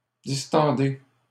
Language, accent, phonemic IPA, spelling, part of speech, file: French, Canada, /dis.tɑ̃.de/, distendez, verb, LL-Q150 (fra)-distendez.wav
- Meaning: inflection of distendre: 1. second-person plural present indicative 2. second-person plural imperative